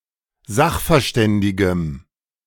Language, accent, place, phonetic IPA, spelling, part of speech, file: German, Germany, Berlin, [ˈzaxfɛɐ̯ˌʃtɛndɪɡəm], sachverständigem, adjective, De-sachverständigem.ogg
- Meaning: strong dative masculine/neuter singular of sachverständig